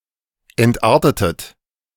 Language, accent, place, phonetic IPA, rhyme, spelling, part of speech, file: German, Germany, Berlin, [ɛntˈʔaːɐ̯tətət], -aːɐ̯tətət, entartetet, verb, De-entartetet.ogg
- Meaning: inflection of entarten: 1. second-person plural preterite 2. second-person plural subjunctive II